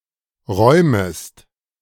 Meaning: second-person singular subjunctive I of räumen
- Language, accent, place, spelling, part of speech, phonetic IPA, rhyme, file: German, Germany, Berlin, räumest, verb, [ˈʁɔɪ̯məst], -ɔɪ̯məst, De-räumest.ogg